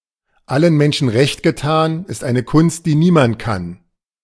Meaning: you can't please everyone's interests
- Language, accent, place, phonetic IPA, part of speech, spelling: German, Germany, Berlin, [ˈalən ˈmɛnʃn̩ ʁɛçt ɡɛˈtaːn ɪst aɪ̯nə kʊnst diː ˈniːmant kan], proverb, allen Menschen recht getan, ist eine Kunst, die niemand kann